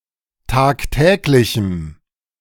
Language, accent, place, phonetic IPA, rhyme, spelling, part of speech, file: German, Germany, Berlin, [ˌtaːkˈtɛːklɪçm̩], -ɛːklɪçm̩, tagtäglichem, adjective, De-tagtäglichem.ogg
- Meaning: strong dative masculine/neuter singular of tagtäglich